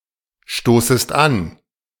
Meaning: second-person singular subjunctive I of anstoßen
- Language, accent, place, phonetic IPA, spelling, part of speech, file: German, Germany, Berlin, [ˌʃtoːsəst ˈan], stoßest an, verb, De-stoßest an.ogg